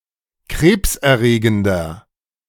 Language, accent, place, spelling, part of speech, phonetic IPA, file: German, Germany, Berlin, krebserregender, adjective, [ˈkʁeːpsʔɛɐ̯ˌʁeːɡn̩dɐ], De-krebserregender.ogg
- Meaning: 1. comparative degree of krebserregend 2. inflection of krebserregend: strong/mixed nominative masculine singular 3. inflection of krebserregend: strong genitive/dative feminine singular